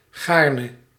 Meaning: with pleasure, gladly
- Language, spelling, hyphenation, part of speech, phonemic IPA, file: Dutch, gaarne, gaar‧ne, adverb, /ˈɣaːr.nə/, Nl-gaarne.ogg